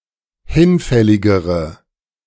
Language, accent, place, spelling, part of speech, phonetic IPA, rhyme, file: German, Germany, Berlin, hinfälligere, adjective, [ˈhɪnˌfɛlɪɡəʁə], -ɪnfɛlɪɡəʁə, De-hinfälligere.ogg
- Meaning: inflection of hinfällig: 1. strong/mixed nominative/accusative feminine singular comparative degree 2. strong nominative/accusative plural comparative degree